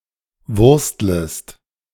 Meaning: second-person singular subjunctive I of wursteln
- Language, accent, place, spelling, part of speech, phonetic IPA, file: German, Germany, Berlin, wurstlest, verb, [ˈvʊʁstləst], De-wurstlest.ogg